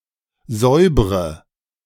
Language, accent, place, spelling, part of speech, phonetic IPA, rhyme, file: German, Germany, Berlin, säubre, verb, [ˈzɔɪ̯bʁə], -ɔɪ̯bʁə, De-säubre.ogg
- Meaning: inflection of säubern: 1. first-person singular present 2. first/third-person singular subjunctive I 3. singular imperative